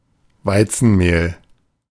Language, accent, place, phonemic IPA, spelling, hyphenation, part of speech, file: German, Germany, Berlin, /ˈvaɪ̯t͡sn̩ˌmeːl/, Weizenmehl, Wei‧zen‧mehl, noun, De-Weizenmehl.ogg
- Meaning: wheat flour